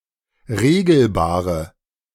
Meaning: inflection of regelbar: 1. strong/mixed nominative/accusative feminine singular 2. strong nominative/accusative plural 3. weak nominative all-gender singular
- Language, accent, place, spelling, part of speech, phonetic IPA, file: German, Germany, Berlin, regelbare, adjective, [ˈʁeːɡl̩baːʁə], De-regelbare.ogg